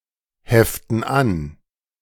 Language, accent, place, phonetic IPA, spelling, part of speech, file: German, Germany, Berlin, [ˌhɛftn̩ ˈan], heften an, verb, De-heften an.ogg
- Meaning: inflection of anheften: 1. first/third-person plural present 2. first/third-person plural subjunctive I